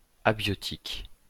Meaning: abiotic
- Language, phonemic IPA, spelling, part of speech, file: French, /a.bjɔ.tik/, abiotique, adjective, LL-Q150 (fra)-abiotique.wav